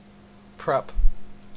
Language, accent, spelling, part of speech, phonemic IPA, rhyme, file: English, Canada, prep, noun / verb, /pɹɛp/, -ɛp, En-ca-prep.ogg
- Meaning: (noun) 1. Preparation 2. A preparatory race or workout 3. Abbreviation of preposition 4. A prep school 5. A student or graduate of a prep school, a preppy